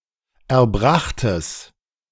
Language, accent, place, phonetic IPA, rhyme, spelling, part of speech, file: German, Germany, Berlin, [ɛɐ̯ˈbʁaxtəs], -axtəs, erbrachtes, adjective, De-erbrachtes.ogg
- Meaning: strong/mixed nominative/accusative neuter singular of erbracht